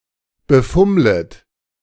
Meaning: second-person plural subjunctive I of befummeln
- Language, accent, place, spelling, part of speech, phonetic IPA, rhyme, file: German, Germany, Berlin, befummlet, verb, [bəˈfʊmlət], -ʊmlət, De-befummlet.ogg